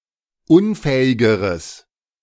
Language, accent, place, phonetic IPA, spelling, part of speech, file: German, Germany, Berlin, [ˈʊnˌfɛːɪɡəʁəs], unfähigeres, adjective, De-unfähigeres.ogg
- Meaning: strong/mixed nominative/accusative neuter singular comparative degree of unfähig